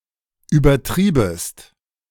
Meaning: second-person singular subjunctive I of übertreiben
- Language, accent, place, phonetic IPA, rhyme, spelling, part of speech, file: German, Germany, Berlin, [yːbɐˈtʁiːbəst], -iːbəst, übertriebest, verb, De-übertriebest.ogg